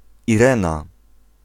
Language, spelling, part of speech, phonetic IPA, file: Polish, Irena, proper noun, [iˈrɛ̃na], Pl-Irena.ogg